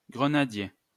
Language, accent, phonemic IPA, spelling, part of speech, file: French, France, /ɡʁə.na.dje/, grenadier, noun, LL-Q150 (fra)-grenadier.wav
- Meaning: 1. pomegranate tree 2. grenadier